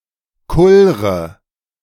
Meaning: inflection of kullern: 1. first-person singular present 2. first/third-person singular subjunctive I 3. singular imperative
- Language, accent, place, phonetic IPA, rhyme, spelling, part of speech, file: German, Germany, Berlin, [ˈkʊlʁə], -ʊlʁə, kullre, verb, De-kullre.ogg